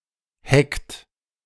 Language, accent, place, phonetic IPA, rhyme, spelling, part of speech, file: German, Germany, Berlin, [hɛkt], -ɛkt, heckt, verb, De-heckt.ogg
- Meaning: inflection of hecken: 1. second-person plural present 2. third-person singular present 3. plural imperative